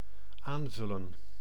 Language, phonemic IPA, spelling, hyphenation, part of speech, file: Dutch, /ˈaːnˌvʏlə(n)/, aanvullen, aan‧vul‧len, verb, Nl-aanvullen.ogg
- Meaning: 1. to supplement 2. to complement, to complete